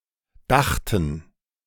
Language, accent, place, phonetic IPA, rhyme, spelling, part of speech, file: German, Germany, Berlin, [ˈdaxtn̩], -axtn̩, dachten, verb, De-dachten.ogg
- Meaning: first/third-person plural preterite of denken